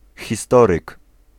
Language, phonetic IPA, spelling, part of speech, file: Polish, [xʲiˈstɔrɨk], historyk, noun, Pl-historyk.ogg